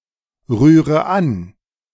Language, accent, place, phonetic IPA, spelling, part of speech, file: German, Germany, Berlin, [ˌʁyːʁə ˈan], rühre an, verb, De-rühre an.ogg
- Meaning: inflection of anrühren: 1. first-person singular present 2. first/third-person singular subjunctive I 3. singular imperative